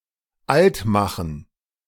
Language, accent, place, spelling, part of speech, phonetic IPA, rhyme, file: German, Germany, Berlin, altmachen, verb, [ˈaltˌmaxn̩], -altmaxn̩, De-altmachen.ogg
- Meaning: 1. to age 2. to make someone look old